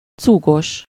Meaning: 1. draughty, drafty (not properly sealed against drafts) 2. elastic-sided
- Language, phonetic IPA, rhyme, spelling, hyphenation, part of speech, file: Hungarian, [ˈt͡suːɡoʃ], -oʃ, cúgos, cú‧gos, adjective, Hu-cúgos.ogg